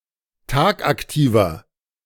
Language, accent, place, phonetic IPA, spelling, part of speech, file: German, Germany, Berlin, [ˈtaːkʔakˌtiːvɐ], tagaktiver, adjective, De-tagaktiver.ogg
- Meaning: inflection of tagaktiv: 1. strong/mixed nominative masculine singular 2. strong genitive/dative feminine singular 3. strong genitive plural